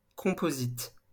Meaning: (noun) composite material; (adjective) composite
- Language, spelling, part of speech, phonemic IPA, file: French, composite, noun / adjective, /kɔ̃.po.zit/, LL-Q150 (fra)-composite.wav